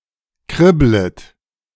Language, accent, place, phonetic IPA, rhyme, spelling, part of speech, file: German, Germany, Berlin, [ˈkʁɪblət], -ɪblət, kribblet, verb, De-kribblet.ogg
- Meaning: second-person plural subjunctive I of kribbeln